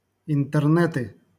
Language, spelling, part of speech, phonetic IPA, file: Russian, интернеты, noun, [ɪntɨrˈnɛtɨ], LL-Q7737 (rus)-интернеты.wav
- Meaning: nominative/accusative plural of интерне́т (intɛrnɛ́t)